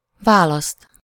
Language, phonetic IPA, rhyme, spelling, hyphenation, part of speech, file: Hungarian, [ˈvaːlɒst], -ɒst, választ, vá‧laszt, verb / noun, Hu-választ.ogg
- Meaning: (verb) 1. to choose, select (as someone: -nak/-nek or -ul/-ül) 2. to elect (as someone: -nak/-nek or -vá/-vé) 3. to separate; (noun) accusative singular of válasz